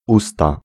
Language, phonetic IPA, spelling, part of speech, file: Polish, [ˈusta], usta, noun, Pl-usta.ogg